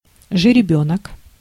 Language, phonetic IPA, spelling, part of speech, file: Russian, [ʐɨrʲɪˈbʲɵnək], жеребёнок, noun, Ru-жеребёнок.ogg
- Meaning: foal, colt